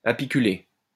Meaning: apiculate
- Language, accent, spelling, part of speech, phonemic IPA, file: French, France, apiculé, adjective, /a.pi.ky.le/, LL-Q150 (fra)-apiculé.wav